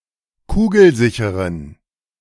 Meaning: inflection of kugelsicher: 1. strong genitive masculine/neuter singular 2. weak/mixed genitive/dative all-gender singular 3. strong/weak/mixed accusative masculine singular 4. strong dative plural
- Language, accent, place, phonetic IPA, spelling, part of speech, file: German, Germany, Berlin, [ˈkuːɡl̩ˌzɪçəʁən], kugelsicheren, adjective, De-kugelsicheren.ogg